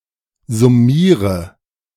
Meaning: inflection of summieren: 1. first-person singular present 2. first/third-person singular subjunctive I 3. singular imperative
- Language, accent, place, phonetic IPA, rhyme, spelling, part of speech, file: German, Germany, Berlin, [zʊˈmiːʁə], -iːʁə, summiere, verb, De-summiere.ogg